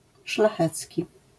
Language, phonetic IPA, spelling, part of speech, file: Polish, [ʃlaˈxɛt͡sʲci], szlachecki, adjective, LL-Q809 (pol)-szlachecki.wav